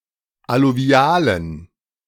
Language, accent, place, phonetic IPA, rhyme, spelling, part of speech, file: German, Germany, Berlin, [aluˈvi̯aːlən], -aːlən, alluvialen, adjective, De-alluvialen.ogg
- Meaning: inflection of alluvial: 1. strong genitive masculine/neuter singular 2. weak/mixed genitive/dative all-gender singular 3. strong/weak/mixed accusative masculine singular 4. strong dative plural